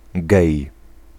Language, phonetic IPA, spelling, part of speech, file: Polish, [ɡɛj], gej, noun, Pl-gej.ogg